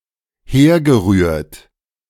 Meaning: past participle of herrühren
- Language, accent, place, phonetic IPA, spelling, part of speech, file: German, Germany, Berlin, [ˈheːɐ̯ɡəˌʁyːɐ̯t], hergerührt, verb, De-hergerührt.ogg